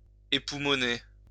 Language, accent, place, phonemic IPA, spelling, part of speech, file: French, France, Lyon, /e.pu.mɔ.ne/, époumoner, verb, LL-Q150 (fra)-époumoner.wav
- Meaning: to scream one's heart out; yell/wail/sing one's head off; bust one's lungs; shout at the top of one's lungs